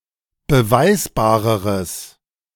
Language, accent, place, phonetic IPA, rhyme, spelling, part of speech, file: German, Germany, Berlin, [bəˈvaɪ̯sbaːʁəʁəs], -aɪ̯sbaːʁəʁəs, beweisbareres, adjective, De-beweisbareres.ogg
- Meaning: strong/mixed nominative/accusative neuter singular comparative degree of beweisbar